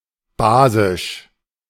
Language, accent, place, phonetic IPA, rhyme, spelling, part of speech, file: German, Germany, Berlin, [ˈbaːzɪʃ], -aːzɪʃ, basisch, adjective, De-basisch.ogg
- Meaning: basic, alkaline